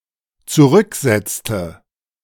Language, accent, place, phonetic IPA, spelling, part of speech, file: German, Germany, Berlin, [t͡suˈʁʏkˌzɛt͡stə], zurücksetzte, verb, De-zurücksetzte.ogg
- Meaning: inflection of zurücksetzen: 1. first/third-person singular dependent preterite 2. first/third-person singular dependent subjunctive II